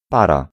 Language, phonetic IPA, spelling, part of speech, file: Polish, [ˈpara], para, noun / verb, Pl-para.ogg